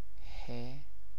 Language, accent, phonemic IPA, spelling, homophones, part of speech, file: Persian, Iran, /he/, ه, ح, character, Fa-ه.ogg
- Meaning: The thirty-first letter of the Persian alphabet, called هه, هِ or هی and written in the Arabic script; preceded by و and followed by ی